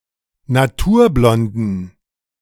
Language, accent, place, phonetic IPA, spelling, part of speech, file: German, Germany, Berlin, [naˈtuːɐ̯ˌblɔndn̩], naturblonden, adjective, De-naturblonden.ogg
- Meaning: inflection of naturblond: 1. strong genitive masculine/neuter singular 2. weak/mixed genitive/dative all-gender singular 3. strong/weak/mixed accusative masculine singular 4. strong dative plural